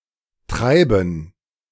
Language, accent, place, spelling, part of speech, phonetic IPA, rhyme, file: German, Germany, Berlin, Treiben, noun, [ˈtʁaɪ̯bn̩], -aɪ̯bn̩, De-Treiben.ogg
- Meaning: gerund of treiben in all its senses